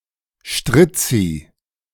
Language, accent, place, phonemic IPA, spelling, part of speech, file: German, Germany, Berlin, /ˈʃtʁɪt͡si/, Strizzi, noun, De-Strizzi.ogg
- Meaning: 1. pimp 2. rascal